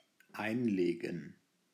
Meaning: 1. to insert 2. to put in 3. to inlay 4. to have 5. to file 6. to pickle
- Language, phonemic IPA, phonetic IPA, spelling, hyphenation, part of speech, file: German, /ˈaɪ̯nˌleːɡən/, [ˈʔaɪ̯nˌleːɡŋ̍], einlegen, ein‧le‧gen, verb, De-einlegen.ogg